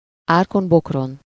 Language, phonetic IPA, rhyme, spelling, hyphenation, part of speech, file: Hungarian, [ˈaːrkombokron], -on, árkon-bokron, ár‧kon-bok‧ron, adverb, Hu-árkon-bokron.ogg
- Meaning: over hedge and ditch (followed by át or keresztül) (frantically, wildly, through everything and anything, not caring about dangers and obstacles, e.g. running)